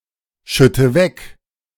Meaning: inflection of wegschütten: 1. first-person singular present 2. first/third-person singular subjunctive I 3. singular imperative
- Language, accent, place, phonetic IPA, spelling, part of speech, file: German, Germany, Berlin, [ˌʃʏtə ˈvɛk], schütte weg, verb, De-schütte weg.ogg